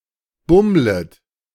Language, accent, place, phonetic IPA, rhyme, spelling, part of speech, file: German, Germany, Berlin, [ˈbʊmlət], -ʊmlət, bummlet, verb, De-bummlet.ogg
- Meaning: second-person plural subjunctive I of bummeln